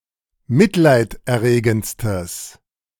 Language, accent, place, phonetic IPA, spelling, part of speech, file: German, Germany, Berlin, [ˈmɪtlaɪ̯tʔɛɐ̯ˌʁeːɡn̩t͡stəs], mitleiderregendstes, adjective, De-mitleiderregendstes.ogg
- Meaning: strong/mixed nominative/accusative neuter singular superlative degree of mitleiderregend